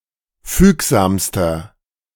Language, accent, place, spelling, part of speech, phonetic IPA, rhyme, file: German, Germany, Berlin, fügsamster, adjective, [ˈfyːkzaːmstɐ], -yːkzaːmstɐ, De-fügsamster.ogg
- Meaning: inflection of fügsam: 1. strong/mixed nominative masculine singular superlative degree 2. strong genitive/dative feminine singular superlative degree 3. strong genitive plural superlative degree